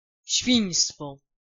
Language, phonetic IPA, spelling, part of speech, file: Polish, [ˈɕfʲĩj̃stfɔ], świństwo, noun, Pl-świństwo.ogg